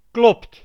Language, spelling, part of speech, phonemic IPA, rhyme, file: Dutch, klopt, verb, /klɔpt/, -ɔpt, Nl-klopt.ogg
- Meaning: inflection of kloppen: 1. second/third-person singular present indicative 2. plural imperative